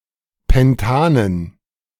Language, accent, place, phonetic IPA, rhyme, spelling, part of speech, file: German, Germany, Berlin, [pɛnˈtaːnən], -aːnən, Pentanen, noun, De-Pentanen.ogg
- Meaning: dative plural of Pentan